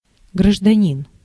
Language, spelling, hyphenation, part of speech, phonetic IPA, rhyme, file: Russian, гражданин, гра‧жда‧нин, noun, [ɡrəʐdɐˈnʲin], -in, Ru-гражданин.ogg
- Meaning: 1. citizen, national 2. sir, mister, Mr. (form of address used by a police officer towards a male civilian)